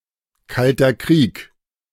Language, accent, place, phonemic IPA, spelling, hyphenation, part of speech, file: German, Germany, Berlin, /ˌkaltɐ ˈkʁiːk/, Kalter Krieg, Kal‧ter Krieg, proper noun, De-Kalter Krieg.ogg
- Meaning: Cold War (a period of history from 1945-1991)